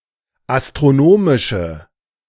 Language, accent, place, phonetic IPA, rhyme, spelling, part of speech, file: German, Germany, Berlin, [astʁoˈnoːmɪʃə], -oːmɪʃə, astronomische, adjective, De-astronomische.ogg
- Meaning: inflection of astronomisch: 1. strong/mixed nominative/accusative feminine singular 2. strong nominative/accusative plural 3. weak nominative all-gender singular